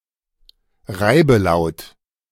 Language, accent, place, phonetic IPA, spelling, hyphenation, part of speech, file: German, Germany, Berlin, [ˈʁaɪ̯bəˌlaʊ̯t], Reibelaut, Rei‧be‧laut, noun, De-Reibelaut.ogg
- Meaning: fricative consonant